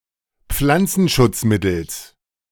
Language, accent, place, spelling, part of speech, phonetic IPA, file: German, Germany, Berlin, Pflanzenschutzmittels, noun, [ˈp͡flant͡sn̩ʃʊt͡sˌmɪtl̩s], De-Pflanzenschutzmittels.ogg
- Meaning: genitive singular of Pflanzenschutzmittel